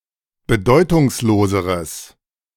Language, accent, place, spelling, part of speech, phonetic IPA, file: German, Germany, Berlin, bedeutungsloseres, adjective, [bəˈdɔɪ̯tʊŋsˌloːzəʁəs], De-bedeutungsloseres.ogg
- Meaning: strong/mixed nominative/accusative neuter singular comparative degree of bedeutungslos